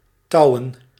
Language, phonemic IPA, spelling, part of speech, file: Dutch, /ˈtɑuwə(n)/, touwen, adjective / noun, Nl-touwen.ogg
- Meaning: plural of touw